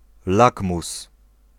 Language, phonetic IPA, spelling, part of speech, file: Polish, [ˈlakmus], lakmus, noun, Pl-lakmus.ogg